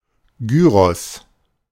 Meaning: 1. gyro, gyros (Greek dish of meat cut from a gyrating roasting spit) 2. a sandwich filled with such meat and, usually, vegetables and sauce
- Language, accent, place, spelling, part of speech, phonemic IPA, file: German, Germany, Berlin, Gyros, noun, /ˈɡyːʁɔs/, De-Gyros.ogg